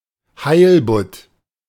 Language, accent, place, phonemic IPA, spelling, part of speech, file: German, Germany, Berlin, /ˈhaɪ̯lbʊt/, Heilbutt, noun, De-Heilbutt.ogg
- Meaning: halibut (fish of genus Hippoglossus)